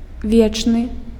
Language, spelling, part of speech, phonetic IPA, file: Belarusian, вечны, adjective, [ˈvʲet͡ʂnɨ], Be-вечны.ogg
- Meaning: eternal